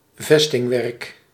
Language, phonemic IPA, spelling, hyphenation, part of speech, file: Dutch, /ˈvɛs.tɪŋˌʋɛrk/, vestingwerk, ves‧ting‧werk, noun, Nl-vestingwerk.ogg
- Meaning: a defence work, a fortification